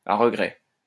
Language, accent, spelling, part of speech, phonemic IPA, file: French, France, à regret, adverb, /a ʁə.ɡʁɛ/, LL-Q150 (fra)-à regret.wav
- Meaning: with regret, with a heavy heart, regretfully, reluctantly, unwillingly